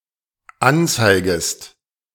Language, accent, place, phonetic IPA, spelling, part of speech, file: German, Germany, Berlin, [ˈanˌt͡saɪ̯ɡəst], anzeigest, verb, De-anzeigest.ogg
- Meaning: second-person singular dependent subjunctive I of anzeigen